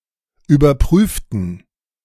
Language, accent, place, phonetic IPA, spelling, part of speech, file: German, Germany, Berlin, [yːbɐˈpʁyːftn̩], überprüften, adjective / verb, De-überprüften.ogg
- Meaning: inflection of überprüfen: 1. first/third-person plural preterite 2. first/third-person plural subjunctive II